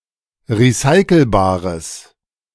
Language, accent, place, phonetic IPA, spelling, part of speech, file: German, Germany, Berlin, [ʁiˈsaɪ̯kl̩baːʁəs], recyclebares, adjective, De-recyclebares.ogg
- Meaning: strong/mixed nominative/accusative neuter singular of recyclebar